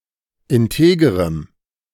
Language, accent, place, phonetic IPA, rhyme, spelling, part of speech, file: German, Germany, Berlin, [ɪnˈteːɡəʁəm], -eːɡəʁəm, integerem, adjective, De-integerem.ogg
- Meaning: strong dative masculine/neuter singular of integer